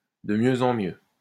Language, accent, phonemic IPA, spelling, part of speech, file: French, France, /də mjø.z‿ɑ̃ mjø/, de mieux en mieux, adverb, LL-Q150 (fra)-de mieux en mieux.wav
- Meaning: better and better